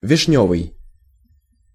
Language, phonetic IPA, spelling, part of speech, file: Russian, [vʲɪʂˈnʲɵvɨj], вишнёвый, adjective, Ru-вишнёвый.ogg
- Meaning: 1. cherry, sour cherry (relating to Prunus cerasus and its fruit) 2. cherry (color), cherry red